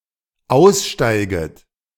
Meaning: second-person plural dependent subjunctive I of aussteigen
- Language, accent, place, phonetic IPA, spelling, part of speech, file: German, Germany, Berlin, [ˈaʊ̯sˌʃtaɪ̯ɡət], aussteiget, verb, De-aussteiget.ogg